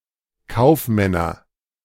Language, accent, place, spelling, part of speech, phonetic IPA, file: German, Germany, Berlin, Kaufmänner, noun, [ˈkaʊ̯fˌmɛnɐ], De-Kaufmänner.ogg
- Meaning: nominative/accusative/genitive plural of Kaufmann